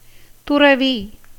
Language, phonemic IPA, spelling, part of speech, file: Tamil, /t̪ʊrɐʋiː/, துறவி, noun, Ta-துறவி.ogg
- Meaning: monk, nun, ascetic, recluse